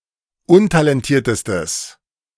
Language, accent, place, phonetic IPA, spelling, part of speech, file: German, Germany, Berlin, [ˈʊntalɛnˌtiːɐ̯təstəs], untalentiertestes, adjective, De-untalentiertestes.ogg
- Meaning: strong/mixed nominative/accusative neuter singular superlative degree of untalentiert